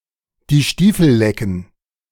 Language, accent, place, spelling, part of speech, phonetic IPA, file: German, Germany, Berlin, die Stiefel lecken, verb, [diː ˈʃtiːfl̩ ˈlɛkn̩], De-die Stiefel lecken.ogg
- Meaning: to bootlick